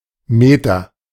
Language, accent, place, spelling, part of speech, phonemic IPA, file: German, Germany, Berlin, Meter, noun, /ˈmeːtɐ/, De-Meter.ogg
- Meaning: meter (unit of length)